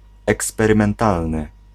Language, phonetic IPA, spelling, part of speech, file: Polish, [ˌɛkspɛrɨ̃mɛ̃nˈtalnɨ], eksperymentalny, adjective, Pl-eksperymentalny.ogg